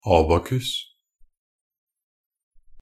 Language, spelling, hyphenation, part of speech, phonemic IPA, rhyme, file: Norwegian Bokmål, abakus, a‧ba‧kus, noun, /ˈɑːbakʉs/, -ʉs, NB - Pronunciation of Norwegian Bokmål «abakus».ogg
- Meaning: abacus (an instrument used for performing arithmetical calculations, with beads sliding on rods, or counters in grooves, with one row of beads or counters representing units)